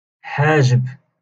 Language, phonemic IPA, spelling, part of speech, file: Moroccan Arabic, /ħaː.ʒib/, حاجب, noun, LL-Q56426 (ary)-حاجب.wav
- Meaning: eyebrow